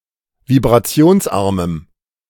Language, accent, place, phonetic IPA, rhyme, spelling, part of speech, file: German, Germany, Berlin, [vibʁaˈt͡si̯oːnsˌʔaʁməm], -oːnsʔaʁməm, vibrationsarmem, adjective, De-vibrationsarmem.ogg
- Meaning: strong dative masculine/neuter singular of vibrationsarm